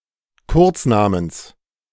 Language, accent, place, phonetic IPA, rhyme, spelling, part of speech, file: German, Germany, Berlin, [ˈkʊʁt͡sˌnaːməns], -ʊʁt͡snaːməns, Kurznamens, noun, De-Kurznamens.ogg
- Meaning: genitive singular of Kurzname